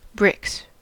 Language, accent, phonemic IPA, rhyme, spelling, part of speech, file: English, US, /bɹɪks/, -ɪks, bricks, noun / verb, En-us-bricks.ogg
- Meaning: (noun) plural of brick; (verb) third-person singular simple present indicative of brick